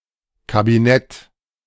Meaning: 1. cabinet, ministry 2. cabinet 3. closet 4. a small room 5. a classification (Prädikat) of wine made from fully ripened grapes
- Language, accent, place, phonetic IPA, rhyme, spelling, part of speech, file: German, Germany, Berlin, [kabiˈnɛt], -ɛt, Kabinett, noun, De-Kabinett.ogg